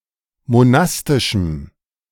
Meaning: strong dative masculine/neuter singular of monastisch
- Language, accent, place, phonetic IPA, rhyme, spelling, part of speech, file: German, Germany, Berlin, [moˈnastɪʃm̩], -astɪʃm̩, monastischem, adjective, De-monastischem.ogg